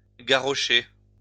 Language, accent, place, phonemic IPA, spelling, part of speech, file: French, France, Lyon, /ɡa.ʁɔ.ʃe/, garrocher, verb, LL-Q150 (fra)-garrocher.wav
- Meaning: 1. to throw 2. to throw aimlessly or carelessly